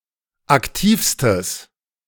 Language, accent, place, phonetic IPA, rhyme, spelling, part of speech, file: German, Germany, Berlin, [akˈtiːfstəs], -iːfstəs, aktivstes, adjective, De-aktivstes.ogg
- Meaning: strong/mixed nominative/accusative neuter singular superlative degree of aktiv